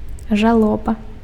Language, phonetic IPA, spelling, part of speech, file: Belarusian, [ʐaˈɫoba], жалоба, noun, Be-жалоба.ogg
- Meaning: mourning